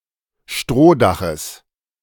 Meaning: genitive singular of Strohdach
- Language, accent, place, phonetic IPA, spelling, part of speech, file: German, Germany, Berlin, [ˈʃtʁoːˌdaxəs], Strohdaches, noun, De-Strohdaches.ogg